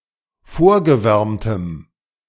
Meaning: strong dative masculine/neuter singular of vorgewärmt
- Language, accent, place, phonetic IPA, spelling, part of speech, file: German, Germany, Berlin, [ˈfoːɐ̯ɡəˌvɛʁmtəm], vorgewärmtem, adjective, De-vorgewärmtem.ogg